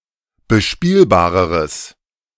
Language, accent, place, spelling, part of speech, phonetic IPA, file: German, Germany, Berlin, bespielbareres, adjective, [bəˈʃpiːlbaːʁəʁəs], De-bespielbareres.ogg
- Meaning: strong/mixed nominative/accusative neuter singular comparative degree of bespielbar